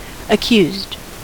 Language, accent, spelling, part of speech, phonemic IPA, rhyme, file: English, US, accused, verb / noun / adjective, /əˈkjuzd/, -uːzd, En-us-accused.ogg
- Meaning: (verb) simple past and past participle of accuse; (noun) The person charged with an offense; the defendant in a criminal case; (adjective) Having been accused; being the target of accusations